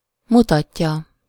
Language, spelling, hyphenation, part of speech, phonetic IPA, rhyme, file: Hungarian, mutatja, mu‧tat‧ja, verb, [ˈmutɒcːɒ], -cɒ, Hu-mutatja.ogg
- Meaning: third-person singular indicative present definite of mutat